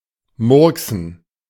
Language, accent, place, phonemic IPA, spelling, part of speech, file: German, Germany, Berlin, /ˈmʊʁksn̩/, murksen, verb, De-murksen.ogg
- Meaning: to botch